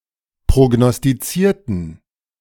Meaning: inflection of prognostizieren: 1. first/third-person plural preterite 2. first/third-person plural subjunctive II
- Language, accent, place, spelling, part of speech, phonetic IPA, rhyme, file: German, Germany, Berlin, prognostizierten, adjective / verb, [pʁoɡnɔstiˈt͡siːɐ̯tn̩], -iːɐ̯tn̩, De-prognostizierten.ogg